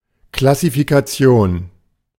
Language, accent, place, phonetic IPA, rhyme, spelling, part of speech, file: German, Germany, Berlin, [klasifikaˈt͡si̯oːn], -oːn, Klassifikation, noun, De-Klassifikation.ogg
- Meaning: classification